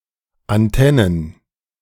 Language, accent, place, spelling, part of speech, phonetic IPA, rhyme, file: German, Germany, Berlin, Antennen, noun, [anˈtɛnən], -ɛnən, De-Antennen.ogg
- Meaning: plural of Antenne "antennas"